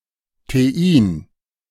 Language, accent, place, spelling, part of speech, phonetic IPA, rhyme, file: German, Germany, Berlin, Thein, noun, [teˈʔiːn], -iːn, De-Thein.ogg
- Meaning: alternative form of Tein